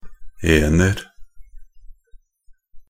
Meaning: indefinite plural form of -en
- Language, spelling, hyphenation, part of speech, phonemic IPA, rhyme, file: Norwegian Bokmål, -ener, -en‧er, suffix, /ˈeːnər/, -ər, Nb--ener.ogg